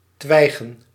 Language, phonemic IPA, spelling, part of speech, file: Dutch, /ˈtwɛiɣə(n)/, twijgen, adjective / noun, Nl-twijgen.ogg
- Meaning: plural of twijg